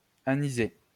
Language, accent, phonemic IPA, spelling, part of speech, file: French, France, /a.ni.ze/, aniser, verb, LL-Q150 (fra)-aniser.wav
- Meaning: to flavour with aniseed